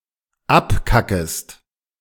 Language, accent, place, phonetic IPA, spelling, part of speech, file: German, Germany, Berlin, [ˈapˌkakəst], abkackest, verb, De-abkackest.ogg
- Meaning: second-person singular dependent subjunctive I of abkacken